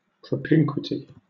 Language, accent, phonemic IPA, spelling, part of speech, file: English, Southern England, /pɹəˈpɪŋ.kwɪ.ti/, propinquity, noun, LL-Q1860 (eng)-propinquity.wav
- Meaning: 1. Nearness or proximity 2. Affiliation or similarity